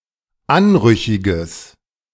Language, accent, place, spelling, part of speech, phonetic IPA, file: German, Germany, Berlin, anrüchiges, adjective, [ˈanˌʁʏçɪɡəs], De-anrüchiges.ogg
- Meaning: strong/mixed nominative/accusative neuter singular of anrüchig